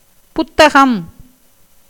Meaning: book
- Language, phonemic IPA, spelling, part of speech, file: Tamil, /pʊt̪ːɐɡɐm/, புத்தகம், noun, Ta-புத்தகம்.ogg